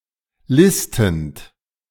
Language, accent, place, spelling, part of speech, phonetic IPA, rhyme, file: German, Germany, Berlin, listend, verb, [ˈlɪstn̩t], -ɪstn̩t, De-listend.ogg
- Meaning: present participle of listen